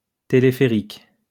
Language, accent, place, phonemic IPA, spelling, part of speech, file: French, France, Lyon, /te.le.fe.ʁik/, téléphérique, noun, LL-Q150 (fra)-téléphérique.wav
- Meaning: aerial tramway, cable car